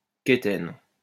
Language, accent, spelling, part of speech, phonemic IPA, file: French, France, quétaine, adjective / noun, /ke.tɛn/, LL-Q150 (fra)-quétaine.wav
- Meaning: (adjective) unfashionable; outmoded; dated; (noun) someone unrefined or ignorant